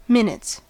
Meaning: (noun) 1. plural of minute 2. The official notes kept during a meeting; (verb) third-person singular simple present indicative of minute
- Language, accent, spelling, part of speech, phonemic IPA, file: English, US, minutes, noun / verb, /ˈmɪnɪts/, En-us-minutes.ogg